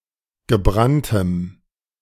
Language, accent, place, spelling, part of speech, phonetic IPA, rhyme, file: German, Germany, Berlin, gebranntem, adjective, [ɡəˈbʁantəm], -antəm, De-gebranntem.ogg
- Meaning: strong dative masculine/neuter singular of gebrannt